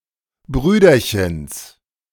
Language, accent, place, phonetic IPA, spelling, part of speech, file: German, Germany, Berlin, [ˈbʁyːdɐçəns], Brüderchens, noun, De-Brüderchens.ogg
- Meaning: genitive singular of Brüderchen